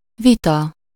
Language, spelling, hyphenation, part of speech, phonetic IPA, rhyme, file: Hungarian, vita, vi‧ta, noun, [ˈvitɒ], -tɒ, Hu-vita.ogg
- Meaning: debate, dispute, discussion